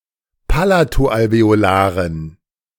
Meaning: inflection of palato-alveolar: 1. strong genitive masculine/neuter singular 2. weak/mixed genitive/dative all-gender singular 3. strong/weak/mixed accusative masculine singular 4. strong dative plural
- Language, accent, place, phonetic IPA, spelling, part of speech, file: German, Germany, Berlin, [ˈpalatoʔalveoˌlaːʁən], palato-alveolaren, adjective, De-palato-alveolaren.ogg